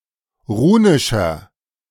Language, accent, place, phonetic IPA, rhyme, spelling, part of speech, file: German, Germany, Berlin, [ˈʁuːnɪʃɐ], -uːnɪʃɐ, runischer, adjective, De-runischer.ogg
- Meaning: inflection of runisch: 1. strong/mixed nominative masculine singular 2. strong genitive/dative feminine singular 3. strong genitive plural